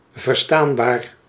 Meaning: 1. capable of being heard and understood (language, words), audible and intelligible 2. understandable (an idea, meaning), comprehensible
- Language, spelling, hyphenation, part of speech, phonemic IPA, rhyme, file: Dutch, verstaanbaar, ver‧staan‧baar, adjective, /vərˈstaːnˌbaːr/, -aːnbaːr, Nl-verstaanbaar.ogg